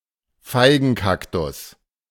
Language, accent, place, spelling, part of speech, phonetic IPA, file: German, Germany, Berlin, Feigenkaktus, noun, [ˈfaɪ̯ɡn̩ˌkaktʊs], De-Feigenkaktus.ogg
- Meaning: Opuntia ficus-indica (Indian fig opuntia), a species of cactus